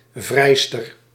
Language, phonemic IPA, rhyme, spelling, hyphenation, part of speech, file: Dutch, /ˈvrɛi̯.stər/, -ɛi̯stər, vrijster, vrij‧ster, noun, Nl-vrijster.ogg
- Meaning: 1. female lover, female friend 2. bachelorette 3. old spinster, old maid (“oude vrijster”) 4. a large speculoos biscuit in the shape of a woman, traditionally given to men by suitresses